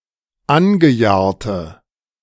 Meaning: inflection of angejahrt: 1. strong/mixed nominative/accusative feminine singular 2. strong nominative/accusative plural 3. weak nominative all-gender singular
- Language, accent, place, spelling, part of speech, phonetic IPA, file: German, Germany, Berlin, angejahrte, adjective, [ˈanɡəˌjaːɐ̯tə], De-angejahrte.ogg